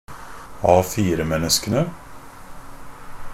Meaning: definite plural of A4-menneske
- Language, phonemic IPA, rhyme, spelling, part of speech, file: Norwegian Bokmål, /ˈɑːfiːrəmɛnːəskənə/, -ənə, A4-menneskene, noun, NB - Pronunciation of Norwegian Bokmål «A4-menneskene».ogg